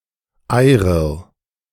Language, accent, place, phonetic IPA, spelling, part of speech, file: German, Germany, Berlin, [ˈaɪ̯ʁɪʁ], Eyrir, noun, De-Eyrir.ogg
- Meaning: eyrir (subdivision of Icelandic currency)